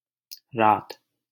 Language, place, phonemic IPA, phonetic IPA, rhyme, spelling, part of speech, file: Hindi, Delhi, /ɾɑːt̪/, [ɾäːt̪], -ɑːt̪, रात, noun, LL-Q1568 (hin)-रात.wav
- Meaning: night